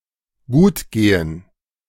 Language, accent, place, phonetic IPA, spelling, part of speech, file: German, Germany, Berlin, [ˈɡuːtˌɡeːən], gutgehen, verb, De-gutgehen.ogg
- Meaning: to go well, to be fine